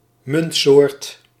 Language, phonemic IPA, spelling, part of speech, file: Dutch, /ˈmʏntsoːrt/, muntsoort, noun, Nl-muntsoort.ogg
- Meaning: currency type, valuta